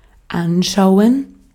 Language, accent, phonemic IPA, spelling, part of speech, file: German, Austria, /ˈʔanʃaʊ̯ən/, anschauen, verb, De-at-anschauen.ogg
- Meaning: to look at; to behold; to observe (visually); to view